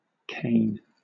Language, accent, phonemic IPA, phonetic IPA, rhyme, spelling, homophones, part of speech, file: English, Southern England, /keɪn/, [kʰeɪn], -eɪn, Cain, Caine / cane / Kain / Kane, proper noun, LL-Q1860 (eng)-Cain.wav
- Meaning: 1. The son of Adam and Eve who killed his brother Abel 2. A male given name from Hebrew 3. A surname